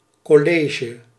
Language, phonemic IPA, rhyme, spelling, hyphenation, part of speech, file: Dutch, /ˌkɔˈleː.ʒə/, -eːʒə, college, col‧le‧ge, noun, Nl-college.ogg
- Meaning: 1. a collegial board, either advisory (committee) or as an authority 2. a secondary school, a high school, (now Belgium) especially in Roman Catholic education 3. an academic lecture, class